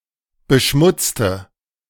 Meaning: inflection of beschmutzen: 1. first/third-person singular preterite 2. first/third-person singular subjunctive II
- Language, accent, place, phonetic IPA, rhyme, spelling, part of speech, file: German, Germany, Berlin, [bəˈʃmʊt͡stə], -ʊt͡stə, beschmutzte, adjective / verb, De-beschmutzte.ogg